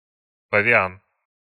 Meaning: baboon (primate)
- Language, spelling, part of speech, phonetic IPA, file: Russian, павиан, noun, [pəvʲɪˈan], Ru-павиан.ogg